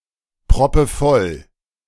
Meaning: synonym of proppenvoll
- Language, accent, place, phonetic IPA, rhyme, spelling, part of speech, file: German, Germany, Berlin, [pʁɔpəˈfɔl], -ɔl, proppevoll, adjective, De-proppevoll.ogg